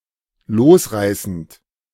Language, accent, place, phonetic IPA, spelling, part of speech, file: German, Germany, Berlin, [ˈloːsˌʁaɪ̯sn̩t], losreißend, verb, De-losreißend.ogg
- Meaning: present participle of losreißen